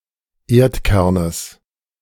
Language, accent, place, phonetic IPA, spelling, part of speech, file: German, Germany, Berlin, [ˈeːɐ̯tˌkɛʁnəs], Erdkernes, noun, De-Erdkernes.ogg
- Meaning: genitive singular of Erdkern